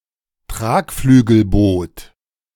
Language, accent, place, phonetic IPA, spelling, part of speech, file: German, Germany, Berlin, [ˈtʁaːkflyːɡl̩ˌboːt], Tragflügelboot, noun, De-Tragflügelboot.ogg
- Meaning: hydrofoil (vessel)